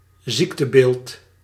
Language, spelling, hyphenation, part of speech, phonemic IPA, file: Dutch, ziektebeeld, ziek‧te‧beeld, noun, /ˈzik.təˌbeːlt/, Nl-ziektebeeld.ogg
- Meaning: syndrome, disease profile